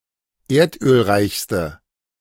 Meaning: inflection of erdölreich: 1. strong/mixed nominative/accusative feminine singular superlative degree 2. strong nominative/accusative plural superlative degree
- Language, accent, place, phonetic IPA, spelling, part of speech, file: German, Germany, Berlin, [ˈeːɐ̯tʔøːlˌʁaɪ̯çstə], erdölreichste, adjective, De-erdölreichste.ogg